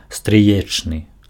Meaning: Denotes a relative in the same generation as the head noun but one degree greater in separation
- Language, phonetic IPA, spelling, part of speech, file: Belarusian, [strɨˈjet͡ʂnɨ], стрыечны, adjective, Be-стрыечны.ogg